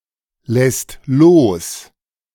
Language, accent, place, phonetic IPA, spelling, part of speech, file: German, Germany, Berlin, [ˌlɛst ˈloːs], lässt los, verb, De-lässt los.ogg
- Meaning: second/third-person singular present of loslassen